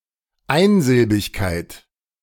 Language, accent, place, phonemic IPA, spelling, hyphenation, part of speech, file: German, Germany, Berlin, /ˈaɪ̯nzɪlbɪçkaɪ̯t/, Einsilbigkeit, Ein‧sil‧big‧keit, noun, De-Einsilbigkeit.ogg
- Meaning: monosyllabicity